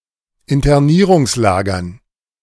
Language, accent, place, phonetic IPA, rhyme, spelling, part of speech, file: German, Germany, Berlin, [ɪntɐˈniːʁʊŋsˌlaːɡɐn], -iːʁʊŋslaːɡɐn, Internierungslagern, noun, De-Internierungslagern.ogg
- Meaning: dative plural of Internierungslager